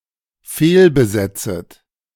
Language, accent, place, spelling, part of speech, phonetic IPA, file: German, Germany, Berlin, fehlbesetzet, verb, [ˈfeːlbəˌzɛt͡sət], De-fehlbesetzet.ogg
- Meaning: second-person plural dependent subjunctive I of fehlbesetzen